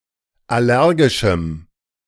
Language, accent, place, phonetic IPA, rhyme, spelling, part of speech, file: German, Germany, Berlin, [ˌaˈlɛʁɡɪʃm̩], -ɛʁɡɪʃm̩, allergischem, adjective, De-allergischem.ogg
- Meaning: strong dative masculine/neuter singular of allergisch